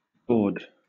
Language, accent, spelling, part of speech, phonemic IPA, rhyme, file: English, Southern England, gord, noun, /ɡɔː(ɹ)d/, -ɔː(ɹ)d, LL-Q1860 (eng)-gord.wav
- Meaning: An instrument of gaming; a sort of dice